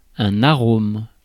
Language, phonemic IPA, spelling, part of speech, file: French, /a.ʁom/, arôme, noun, Fr-arôme.ogg
- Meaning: 1. aroma 2. flavoring